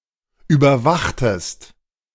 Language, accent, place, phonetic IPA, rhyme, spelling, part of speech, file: German, Germany, Berlin, [ˌyːbɐˈvaxtəst], -axtəst, überwachtest, verb, De-überwachtest.ogg
- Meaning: inflection of überwachen: 1. second-person singular preterite 2. second-person singular subjunctive II